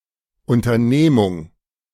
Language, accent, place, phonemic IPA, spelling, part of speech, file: German, Germany, Berlin, /ˌʊntɐˈneːmʊŋ/, Unternehmung, noun, De-Unternehmung.ogg
- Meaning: 1. undertaking 2. business, enterprise, company